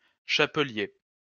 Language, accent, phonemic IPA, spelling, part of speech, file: French, France, /ʃa.pə.lje/, chapelier, noun, LL-Q150 (fra)-chapelier.wav
- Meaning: hatter (person who makes, sells, or repairs hats)